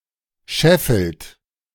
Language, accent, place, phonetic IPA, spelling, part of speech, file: German, Germany, Berlin, [ˈʃɛfl̩t], scheffelt, verb, De-scheffelt.ogg
- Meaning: inflection of scheffeln: 1. third-person singular present 2. second-person plural present 3. plural imperative